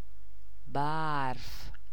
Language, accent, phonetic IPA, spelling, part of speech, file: Persian, Iran, [bæɹf], برف, noun, Fa-برف.ogg
- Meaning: snow